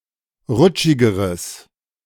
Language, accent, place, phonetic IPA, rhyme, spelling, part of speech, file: German, Germany, Berlin, [ˈʁʊt͡ʃɪɡəʁəs], -ʊt͡ʃɪɡəʁəs, rutschigeres, adjective, De-rutschigeres.ogg
- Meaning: strong/mixed nominative/accusative neuter singular comparative degree of rutschig